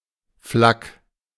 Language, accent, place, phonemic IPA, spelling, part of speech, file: German, Germany, Berlin, /flak/, Flak, noun, De-Flak.ogg
- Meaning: abbreviation of Flugabwehrkanone or Fliegerabwehrkanone